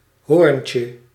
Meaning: 1. diminutive of hoorn 2. an icecream cone 3. diminutive of hoorn: hornet
- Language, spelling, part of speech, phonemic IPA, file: Dutch, hoorntje, noun, /ˈhorᵊɲcə/, Nl-hoorntje.ogg